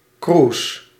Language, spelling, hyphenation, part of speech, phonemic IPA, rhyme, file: Dutch, cruise, cruise, noun, /kruːs/, -uːs, Nl-cruise.ogg
- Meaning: cruise